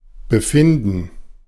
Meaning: condition (health status of a patient), state of health
- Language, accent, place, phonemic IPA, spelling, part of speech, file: German, Germany, Berlin, /bəˈfɪndən/, Befinden, noun, De-Befinden.ogg